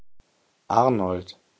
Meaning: 1. a male given name from Old High German 2. a surname transferred from the given name
- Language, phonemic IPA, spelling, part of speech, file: German, /ˈaʁnɔlt/, Arnold, proper noun, De-Arnold.ogg